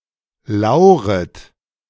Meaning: second-person plural subjunctive I of lauern
- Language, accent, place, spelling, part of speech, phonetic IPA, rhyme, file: German, Germany, Berlin, lauret, verb, [ˈlaʊ̯ʁət], -aʊ̯ʁət, De-lauret.ogg